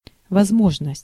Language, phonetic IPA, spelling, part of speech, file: Russian, [vɐzˈmoʐnəsʲtʲ], возможность, noun, Ru-возможность.ogg
- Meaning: 1. opportunity, chance, potential (chance for advancement, progress or profit) 2. possibility